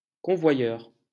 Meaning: 1. conveyor (machine for transporting) 2. courier; transporter (someone who transports) 3. escort (someone who travels with e.g. valuable goods)
- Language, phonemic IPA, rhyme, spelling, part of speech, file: French, /kɔ̃.vwa.jœʁ/, -jœʁ, convoyeur, noun, LL-Q150 (fra)-convoyeur.wav